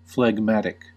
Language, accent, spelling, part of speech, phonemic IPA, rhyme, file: English, US, phlegmatic, adjective / noun, /flɛɡˈmætɪk/, -ætɪk, En-us-phlegmatic.ogg
- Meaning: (adjective) 1. Not easily excited to action or passion; calm; sluggish 2. Generating, causing, or full of phlegm; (noun) One who has a phlegmatic disposition